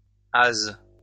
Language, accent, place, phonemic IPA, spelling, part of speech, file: French, France, Lyon, /az/, hases, noun, LL-Q150 (fra)-hases.wav
- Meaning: plural of hase